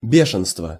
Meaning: 1. hydrophobia, rabies 2. madness, fury, rage
- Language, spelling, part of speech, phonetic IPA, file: Russian, бешенство, noun, [ˈbʲeʂɨnstvə], Ru-бешенство.ogg